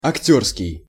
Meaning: histrionic, actorish
- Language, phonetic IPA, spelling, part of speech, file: Russian, [ɐkˈtʲɵrskʲɪj], актёрский, adjective, Ru-актёрский.ogg